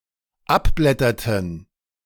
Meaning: inflection of abblättern: 1. first/third-person plural dependent preterite 2. first/third-person plural dependent subjunctive II
- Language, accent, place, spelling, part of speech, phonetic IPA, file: German, Germany, Berlin, abblätterten, verb, [ˈapˌblɛtɐtn̩], De-abblätterten.ogg